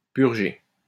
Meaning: 1. to purge 2. to serve (a sentence) 3. to bleed (remove air bubbles from a pipe containing other fluids)
- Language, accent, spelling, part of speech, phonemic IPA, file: French, France, purger, verb, /pyʁ.ʒe/, LL-Q150 (fra)-purger.wav